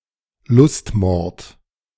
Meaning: lust murder
- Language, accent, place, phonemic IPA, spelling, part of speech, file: German, Germany, Berlin, /ˈlʊstmɔrt/, Lustmord, noun, De-Lustmord.ogg